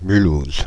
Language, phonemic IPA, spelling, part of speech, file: French, /my.luz/, Mulhouse, proper noun, Fr-Mulhouse.ogg
- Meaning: Mulhouse (a city in Haut-Rhin department, Grand Est, France)